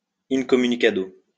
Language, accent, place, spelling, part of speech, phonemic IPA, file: French, France, Lyon, incommunicado, adverb, /in.kɔ.my.ni.ka.do/, LL-Q150 (fra)-incommunicado.wav
- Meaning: incommunicado